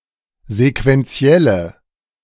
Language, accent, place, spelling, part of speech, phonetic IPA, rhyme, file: German, Germany, Berlin, sequentielle, adjective, [zekvɛnˈt͡si̯ɛlə], -ɛlə, De-sequentielle.ogg
- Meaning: inflection of sequentiell: 1. strong/mixed nominative/accusative feminine singular 2. strong nominative/accusative plural 3. weak nominative all-gender singular